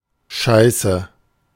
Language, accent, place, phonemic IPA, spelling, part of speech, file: German, Germany, Berlin, /ˈʃaɪ̯sə/, scheiße, adjective / verb, De-scheiße.ogg
- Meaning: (adjective) 1. shit, bad, ill, poor 2. shitty, fucking bad; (verb) inflection of scheißen: 1. first-person singular present 2. first/third-person singular subjunctive I 3. singular imperative